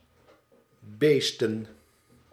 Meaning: plural of beest
- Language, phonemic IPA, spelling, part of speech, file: Dutch, /ˈbestə(n)/, beesten, verb / noun, Nl-beesten.ogg